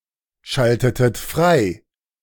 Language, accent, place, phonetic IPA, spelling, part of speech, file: German, Germany, Berlin, [ˌʃaltətət ˈfʁaɪ̯], schaltetet frei, verb, De-schaltetet frei.ogg
- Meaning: inflection of freischalten: 1. second-person plural preterite 2. second-person plural subjunctive II